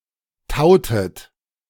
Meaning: inflection of tauen: 1. second-person plural preterite 2. second-person plural subjunctive II
- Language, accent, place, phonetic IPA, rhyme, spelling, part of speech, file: German, Germany, Berlin, [ˈtaʊ̯tət], -aʊ̯tət, tautet, verb, De-tautet.ogg